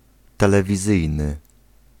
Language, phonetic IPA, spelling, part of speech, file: Polish, [ˌtɛlɛvʲiˈzɨjnɨ], telewizyjny, adjective, Pl-telewizyjny.ogg